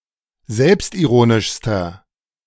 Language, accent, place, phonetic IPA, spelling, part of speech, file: German, Germany, Berlin, [ˈzɛlpstʔiˌʁoːnɪʃstɐ], selbstironischster, adjective, De-selbstironischster.ogg
- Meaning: inflection of selbstironisch: 1. strong/mixed nominative masculine singular superlative degree 2. strong genitive/dative feminine singular superlative degree